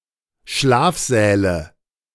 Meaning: nominative/accusative/genitive plural of Schlafsaal
- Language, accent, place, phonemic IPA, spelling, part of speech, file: German, Germany, Berlin, /ˈʃlaːfzɛːlə/, Schlafsäle, noun, De-Schlafsäle.ogg